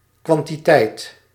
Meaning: quantity, amount
- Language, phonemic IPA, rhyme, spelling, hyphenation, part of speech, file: Dutch, /ˌkʋɑn.tiˈtɛi̯t/, -ɛi̯t, kwantiteit, kwan‧ti‧teit, noun, Nl-kwantiteit.ogg